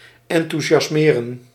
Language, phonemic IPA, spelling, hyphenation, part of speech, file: Dutch, /ˌɑn.tu.ʒɑsˈmeː.rə(n)/, enthousiasmeren, en‧thou‧si‧as‧me‧ren, verb, Nl-enthousiasmeren.ogg
- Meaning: to make enthusiastic, to cause a sensation of enthusiasm